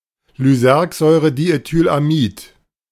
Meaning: alternative form of Lysergsäure-diethylamid (LSD)
- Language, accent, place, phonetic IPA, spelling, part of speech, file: German, Germany, Berlin, [lyˈzɛʁkzɔɪ̯ʁədietyːlaˌmiːt], Lysergsäurediethylamid, noun, De-Lysergsäurediethylamid.ogg